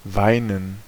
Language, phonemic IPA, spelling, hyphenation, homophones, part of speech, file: German, /ˈvaɪ̯nən/, weinen, wei‧nen, Weinen, verb, De-weinen.ogg
- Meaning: to weep, cry